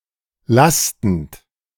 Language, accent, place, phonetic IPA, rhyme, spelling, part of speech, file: German, Germany, Berlin, [ˈlastn̩t], -astn̩t, lastend, verb, De-lastend.ogg
- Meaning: present participle of lasten